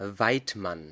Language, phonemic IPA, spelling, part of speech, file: German, /ˈvaɪ̯tˌman/, Weidmann, noun, De-Weidmann.ogg
- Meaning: hunter